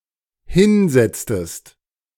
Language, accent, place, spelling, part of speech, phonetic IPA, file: German, Germany, Berlin, hinsetztest, verb, [ˈhɪnˌzɛt͡stəst], De-hinsetztest.ogg
- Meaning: inflection of hinsetzen: 1. second-person singular dependent preterite 2. second-person singular dependent subjunctive II